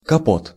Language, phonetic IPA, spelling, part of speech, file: Russian, [kɐˈpot], капот, noun, Ru-капот.ogg
- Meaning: 1. housecoat 2. hood, bonnet, cowl (of a car)